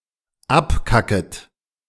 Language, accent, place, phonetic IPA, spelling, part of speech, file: German, Germany, Berlin, [ˈapˌkakət], abkacket, verb, De-abkacket.ogg
- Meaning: second-person plural dependent subjunctive I of abkacken